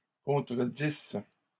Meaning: third-person plural imperfect subjunctive of contredire
- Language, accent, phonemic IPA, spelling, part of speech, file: French, Canada, /kɔ̃.tʁə.dis/, contredissent, verb, LL-Q150 (fra)-contredissent.wav